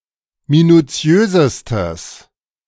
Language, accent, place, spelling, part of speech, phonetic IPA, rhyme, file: German, Germany, Berlin, minuziösestes, adjective, [minuˈt͡si̯øːzəstəs], -øːzəstəs, De-minuziösestes.ogg
- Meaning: strong/mixed nominative/accusative neuter singular superlative degree of minuziös